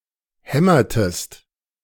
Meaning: inflection of hämmern: 1. second-person singular preterite 2. second-person singular subjunctive II
- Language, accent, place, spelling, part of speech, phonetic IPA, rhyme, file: German, Germany, Berlin, hämmertest, verb, [ˈhɛmɐtəst], -ɛmɐtəst, De-hämmertest.ogg